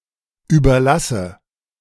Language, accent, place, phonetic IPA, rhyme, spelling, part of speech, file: German, Germany, Berlin, [ˌyːbɐˈlasə], -asə, überlasse, verb, De-überlasse.ogg
- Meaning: inflection of überlassen: 1. first-person singular present 2. first/third-person singular subjunctive I 3. singular imperative